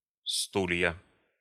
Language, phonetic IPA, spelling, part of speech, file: Russian, [ˈstulʲjə], стулья, noun, Ru-стулья.ogg
- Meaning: nominative/accusative plural of стул (stul)